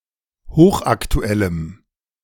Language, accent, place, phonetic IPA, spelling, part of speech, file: German, Germany, Berlin, [ˈhoːxʔaktuˌɛləm], hochaktuellem, adjective, De-hochaktuellem.ogg
- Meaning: strong dative masculine/neuter singular of hochaktuell